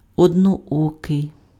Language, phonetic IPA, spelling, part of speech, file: Ukrainian, [ɔdnɔˈɔkei̯], одноокий, adjective, Uk-одноокий.ogg
- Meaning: one-eyed